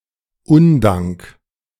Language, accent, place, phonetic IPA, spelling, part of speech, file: German, Germany, Berlin, [ˈʊnˌdaŋk], Undank, noun, De-Undank.ogg
- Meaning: ingratitude; thanklessness; unthankfulness